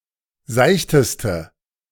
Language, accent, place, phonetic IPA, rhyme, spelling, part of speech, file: German, Germany, Berlin, [ˈzaɪ̯çtəstə], -aɪ̯çtəstə, seichteste, adjective, De-seichteste.ogg
- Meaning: inflection of seicht: 1. strong/mixed nominative/accusative feminine singular superlative degree 2. strong nominative/accusative plural superlative degree